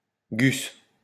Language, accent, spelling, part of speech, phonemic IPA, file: French, France, gus, noun, /ɡys/, LL-Q150 (fra)-gus.wav
- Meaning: bloke, guy